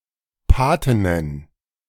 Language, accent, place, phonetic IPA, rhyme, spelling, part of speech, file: German, Germany, Berlin, [ˈpaːtɪnən], -aːtɪnən, Patinnen, noun, De-Patinnen.ogg
- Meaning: plural of Patin